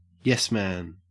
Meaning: A person who always agrees with their employer or superior
- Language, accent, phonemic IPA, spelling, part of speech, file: English, Australia, /jɛs mæn/, yes man, noun, En-au-yes man.ogg